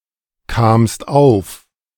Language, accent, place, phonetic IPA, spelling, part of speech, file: German, Germany, Berlin, [kaːmst ˈaʊ̯f], kamst auf, verb, De-kamst auf.ogg
- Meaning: second-person singular preterite of aufkommen